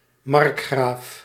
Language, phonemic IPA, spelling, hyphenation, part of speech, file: Dutch, /ˈmɑrk.xraːf/, markgraaf, mark‧graaf, noun, Nl-markgraaf.ogg
- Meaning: a margrave, a marquess